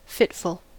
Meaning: 1. Characterized by fits (convulsions or seizures) 2. Characterized by sudden bursts of activity with periods of inactivity in between; intermittent, irregular, unsteady
- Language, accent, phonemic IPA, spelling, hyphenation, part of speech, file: English, General American, /ˈfɪtf(ə)l/, fitful, fit‧ful, adjective, En-us-fitful.ogg